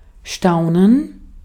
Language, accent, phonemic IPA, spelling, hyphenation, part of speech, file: German, Austria, /ˈʃtaʊ̯nən/, staunen, stau‧nen, verb, De-at-staunen.ogg
- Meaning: to be amazed or astonished; to wonder or marvel